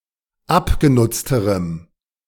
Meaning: strong dative masculine/neuter singular comparative degree of abgenutzt
- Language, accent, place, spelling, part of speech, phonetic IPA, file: German, Germany, Berlin, abgenutzterem, adjective, [ˈapɡeˌnʊt͡stəʁəm], De-abgenutzterem.ogg